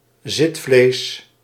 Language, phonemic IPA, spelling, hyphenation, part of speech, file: Dutch, /ˈzɪt.fleːs/, zitvlees, zit‧vlees, noun, Nl-zitvlees.ogg
- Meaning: 1. patience, dedication 2. flesh on one's buttocks